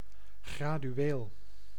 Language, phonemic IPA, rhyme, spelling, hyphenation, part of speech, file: Dutch, /ˌɣraː.dyˈeːl/, -eːl, gradueel, gra‧du‧eel, adjective, Nl-gradueel.ogg
- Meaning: gradual